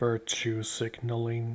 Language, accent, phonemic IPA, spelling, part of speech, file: English, US, /ˈvɜɹtʃu sɪɡnəlɪŋ/, virtue signalling, noun / verb, Virtue signaling US.ogg